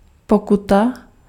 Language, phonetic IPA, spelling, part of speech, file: Czech, [ˈpokuta], pokuta, noun, Cs-pokuta.ogg
- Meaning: fine (payment or fee)